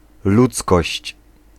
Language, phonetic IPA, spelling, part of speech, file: Polish, [ˈlut͡skɔɕt͡ɕ], ludzkość, noun, Pl-ludzkość.ogg